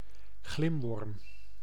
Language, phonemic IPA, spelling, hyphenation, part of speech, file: Dutch, /ˈɣlɪm.ʋɔrm/, glimworm, glim‧worm, noun, Nl-glimworm.ogg
- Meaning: a firefly, beetle of the family Lampyridae, especially its grub